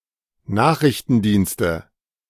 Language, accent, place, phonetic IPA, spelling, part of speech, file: German, Germany, Berlin, [ˈnaːxʁɪçtn̩ˌdiːnstə], Nachrichtendienste, noun, De-Nachrichtendienste.ogg
- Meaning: nominative/accusative/genitive plural of Nachrichtendienst